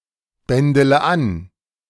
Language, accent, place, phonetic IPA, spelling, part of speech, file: German, Germany, Berlin, [ˌbɛndələ ˈan], bändele an, verb, De-bändele an.ogg
- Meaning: inflection of anbändeln: 1. first-person singular present 2. first-person plural subjunctive I 3. third-person singular subjunctive I 4. singular imperative